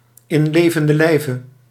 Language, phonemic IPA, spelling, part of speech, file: Dutch, /ɪn ˈleːvəndə(n)ˈlɛi̯və/, in levenden lijve, prepositional phrase, Nl-in levenden lijve.ogg
- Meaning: 1. in the flesh, in person 2. alive